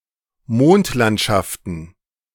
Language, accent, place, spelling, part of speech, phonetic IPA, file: German, Germany, Berlin, Mondlandschaften, noun, [ˈmoːntˌlantʃaftn̩], De-Mondlandschaften.ogg
- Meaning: plural of Mondlandschaft